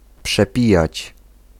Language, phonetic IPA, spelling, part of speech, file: Polish, [pʃɛˈpʲijät͡ɕ], przepijać, verb, Pl-przepijać.ogg